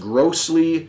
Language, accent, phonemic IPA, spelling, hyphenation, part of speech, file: English, US, /ˈɡɹoʊsli/, grossly, gross‧ly, adverb, En-us-grossly.ogg
- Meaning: 1. Greatly; to a large degree, especially one large enough to be frankly appreciable 2. To a serious, severe, or offensive degree 3. In a gross (disgusting) manner; without delicacy